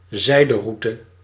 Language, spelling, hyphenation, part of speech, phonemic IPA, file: Dutch, zijderoute, zij‧de‧rou‧te, noun, /ˈzɛi̯.dəˌru.tə/, Nl-zijderoute.ogg
- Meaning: Silk Road